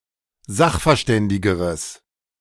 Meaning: strong/mixed nominative/accusative neuter singular comparative degree of sachverständig
- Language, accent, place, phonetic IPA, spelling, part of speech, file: German, Germany, Berlin, [ˈzaxfɛɐ̯ˌʃtɛndɪɡəʁəs], sachverständigeres, adjective, De-sachverständigeres.ogg